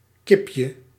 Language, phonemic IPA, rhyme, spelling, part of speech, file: Dutch, /ˈkɪp.jə/, -ɪpjə, kipje, noun, Nl-kipje.ogg
- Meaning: diminutive of kip